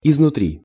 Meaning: 1. from within, from the inside, from inside, out of 2. on the inside
- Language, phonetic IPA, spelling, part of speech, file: Russian, [ɪznʊˈtrʲi], изнутри, adverb, Ru-изнутри.ogg